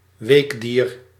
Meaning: a mollusc, invertebrate animal of the phylum Mollusca
- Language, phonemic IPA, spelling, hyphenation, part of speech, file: Dutch, /ˈʋeːk.diːr/, weekdier, week‧dier, noun, Nl-weekdier.ogg